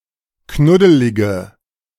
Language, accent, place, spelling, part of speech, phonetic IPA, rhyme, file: German, Germany, Berlin, knuddelige, adjective, [ˈknʊdəlɪɡə], -ʊdəlɪɡə, De-knuddelige.ogg
- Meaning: inflection of knuddelig: 1. strong/mixed nominative/accusative feminine singular 2. strong nominative/accusative plural 3. weak nominative all-gender singular